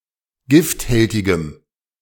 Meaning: strong dative masculine/neuter singular of gifthältig
- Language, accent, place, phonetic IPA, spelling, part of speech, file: German, Germany, Berlin, [ˈɡɪftˌhɛltɪɡəm], gifthältigem, adjective, De-gifthältigem.ogg